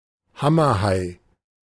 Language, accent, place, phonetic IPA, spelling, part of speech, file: German, Germany, Berlin, [ˈhamɐˌhaɪ̯], Hammerhai, noun, De-Hammerhai.ogg
- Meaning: hammerhead shark